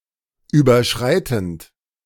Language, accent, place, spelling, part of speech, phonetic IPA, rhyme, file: German, Germany, Berlin, überschreitend, verb, [ˌyːbɐˈʃʁaɪ̯tn̩t], -aɪ̯tn̩t, De-überschreitend.ogg
- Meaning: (verb) present participle of überschreiten; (adjective) exceeding, transcending, transgressing